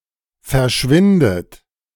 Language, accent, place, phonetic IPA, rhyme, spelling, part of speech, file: German, Germany, Berlin, [fɛɐ̯ˈʃvɪndət], -ɪndət, verschwindet, verb, De-verschwindet.ogg
- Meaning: inflection of verschwinden: 1. third-person singular present 2. second-person plural present 3. second-person plural subjunctive I 4. plural imperative